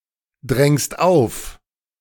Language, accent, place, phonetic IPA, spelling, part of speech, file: German, Germany, Berlin, [ˌdʁɛŋst ˈaʊ̯f], drängst auf, verb, De-drängst auf.ogg
- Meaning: second-person singular present of aufdrängen